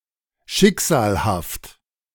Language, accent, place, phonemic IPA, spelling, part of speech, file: German, Germany, Berlin, /ˈʃɪkz̥aːlhaft/, schicksalhaft, adjective, De-schicksalhaft.ogg
- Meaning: fateful